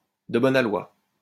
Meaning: 1. of good quality, of genuine worth, wholesome 2. proper, appropriate, in order, suitable
- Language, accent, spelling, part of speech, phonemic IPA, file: French, France, de bon aloi, adjective, /də bɔ.n‿a.lwa/, LL-Q150 (fra)-de bon aloi.wav